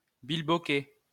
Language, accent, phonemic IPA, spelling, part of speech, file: French, France, /bil.bɔ.kɛ/, bilboquet, noun, LL-Q150 (fra)-bilboquet.wav
- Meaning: bilboquet